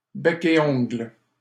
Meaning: tooth and nail, hammer and tongs
- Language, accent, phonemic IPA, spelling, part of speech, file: French, Canada, /bɛ.k‿e ɔ̃ɡl/, bec et ongles, adverb, LL-Q150 (fra)-bec et ongles.wav